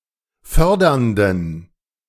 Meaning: inflection of fördernd: 1. strong genitive masculine/neuter singular 2. weak/mixed genitive/dative all-gender singular 3. strong/weak/mixed accusative masculine singular 4. strong dative plural
- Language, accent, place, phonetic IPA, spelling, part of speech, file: German, Germany, Berlin, [ˈfœʁdɐndn̩], fördernden, adjective, De-fördernden.ogg